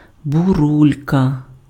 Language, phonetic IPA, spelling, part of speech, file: Ukrainian, [bʊˈrulʲkɐ], бурулька, noun, Uk-бурулька.ogg
- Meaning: icicle